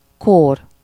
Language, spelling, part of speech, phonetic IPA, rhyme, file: Hungarian, kór, noun, [ˈkoːr], -oːr, Hu-kór.ogg
- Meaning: disease